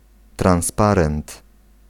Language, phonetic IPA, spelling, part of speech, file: Polish, [trãw̃sˈparɛ̃nt], transparent, noun, Pl-transparent.ogg